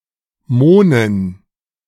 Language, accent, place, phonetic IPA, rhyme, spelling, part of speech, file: German, Germany, Berlin, [ˈmoːnən], -oːnən, Mohnen, noun, De-Mohnen.ogg
- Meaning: dative plural of Mohn